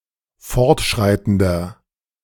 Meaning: inflection of fortschreitend: 1. strong/mixed nominative masculine singular 2. strong genitive/dative feminine singular 3. strong genitive plural
- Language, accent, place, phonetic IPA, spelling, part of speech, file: German, Germany, Berlin, [ˈfɔʁtˌʃʁaɪ̯tn̩dɐ], fortschreitender, adjective, De-fortschreitender.ogg